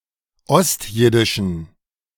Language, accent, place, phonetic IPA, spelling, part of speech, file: German, Germany, Berlin, [ˈɔstˌjɪdɪʃn̩], ostjiddischen, adjective, De-ostjiddischen.ogg
- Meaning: inflection of ostjiddisch: 1. strong genitive masculine/neuter singular 2. weak/mixed genitive/dative all-gender singular 3. strong/weak/mixed accusative masculine singular 4. strong dative plural